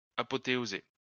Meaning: to apotheosize
- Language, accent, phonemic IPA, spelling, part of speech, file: French, France, /a.pɔ.te.o.ze/, apothéoser, verb, LL-Q150 (fra)-apothéoser.wav